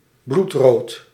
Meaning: blood-red
- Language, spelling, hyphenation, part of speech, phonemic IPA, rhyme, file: Dutch, bloedrood, bloed‧rood, adjective, /blutˈroːt/, -oːt, Nl-bloedrood.ogg